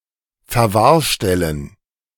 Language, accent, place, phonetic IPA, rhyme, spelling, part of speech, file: German, Germany, Berlin, [fɛɐ̯ˈvaːɐ̯ˌʃtɛlən], -aːɐ̯ʃtɛlən, Verwahrstellen, noun, De-Verwahrstellen.ogg
- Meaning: plural of Verwahrstelle